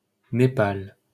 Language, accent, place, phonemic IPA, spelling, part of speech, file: French, France, Paris, /ne.pal/, Népal, proper noun, LL-Q150 (fra)-Népal.wav
- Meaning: Nepal (a country in South Asia, located between China and India)